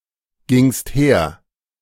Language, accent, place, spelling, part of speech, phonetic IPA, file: German, Germany, Berlin, gingst her, verb, [ˌɡɪŋst ˈheːɐ̯], De-gingst her.ogg
- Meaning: second-person singular preterite of hergehen